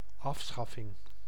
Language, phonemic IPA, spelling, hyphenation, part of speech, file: Dutch, /ˈɑfˌsxɑ.fɪŋ/, afschaffing, af‧schaf‧fing, noun, Nl-afschaffing.ogg
- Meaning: abolition, abolishment